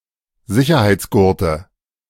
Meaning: nominative/accusative/genitive plural of Sicherheitsgurt
- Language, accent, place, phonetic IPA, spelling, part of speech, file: German, Germany, Berlin, [ˈzɪçɐhaɪ̯t͡sˌɡʊʁtə], Sicherheitsgurte, noun, De-Sicherheitsgurte.ogg